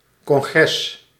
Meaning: 1. congress, large consultative and/or legislative body 2. congress; formal meeting, gathering or assembly
- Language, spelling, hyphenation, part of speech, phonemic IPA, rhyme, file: Dutch, congres, con‧gres, noun, /kɔŋˈɣrɛs/, -ɛs, Nl-congres.ogg